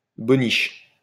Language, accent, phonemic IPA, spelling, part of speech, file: French, France, /bɔ.niʃ/, boniche, noun, LL-Q150 (fra)-boniche.wav
- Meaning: alternative form of bonniche